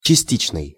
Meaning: 1. partial 2. partitive
- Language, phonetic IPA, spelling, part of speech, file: Russian, [t͡ɕɪˈsʲtʲit͡ɕnɨj], частичный, adjective, Ru-частичный.ogg